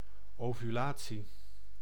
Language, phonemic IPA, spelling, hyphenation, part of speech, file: Dutch, /ˌoː.vyˈlaː.(t)si/, ovulatie, ovu‧la‧tie, noun, Nl-ovulatie.ogg
- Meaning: ovulation